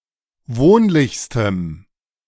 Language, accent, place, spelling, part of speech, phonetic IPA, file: German, Germany, Berlin, wohnlichstem, adjective, [ˈvoːnlɪçstəm], De-wohnlichstem.ogg
- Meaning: strong dative masculine/neuter singular superlative degree of wohnlich